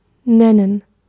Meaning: 1. to name (to give a name to) 2. to call, to describe 3. to mention, to make known, to tell, to give 4. to say, to speak, to state (a name) 5. to call out; to give (e.g. some request)
- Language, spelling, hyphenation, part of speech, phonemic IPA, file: German, nennen, nen‧nen, verb, /ˈnɛnən/, De-nennen.ogg